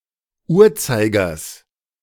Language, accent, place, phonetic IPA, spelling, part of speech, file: German, Germany, Berlin, [ˈuːɐ̯ˌt͡saɪ̯ɡɐs], Uhrzeigers, noun, De-Uhrzeigers.ogg
- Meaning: genitive singular of Uhrzeiger